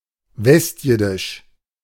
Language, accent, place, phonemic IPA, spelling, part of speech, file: German, Germany, Berlin, /ˈvɛstˌjɪdɪʃ/, westjiddisch, adjective, De-westjiddisch.ogg
- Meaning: West Yiddish